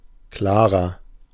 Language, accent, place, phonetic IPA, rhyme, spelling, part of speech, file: German, Germany, Berlin, [ˈklaːʁɐ], -aːʁɐ, klarer, adjective, De-klarer.ogg
- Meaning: inflection of klar: 1. strong/mixed nominative masculine singular 2. strong genitive/dative feminine singular 3. strong genitive plural